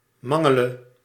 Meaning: singular present subjunctive of mangelen
- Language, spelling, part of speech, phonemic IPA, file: Dutch, mangele, verb, /ˈmɑŋəˌlə/, Nl-mangele.ogg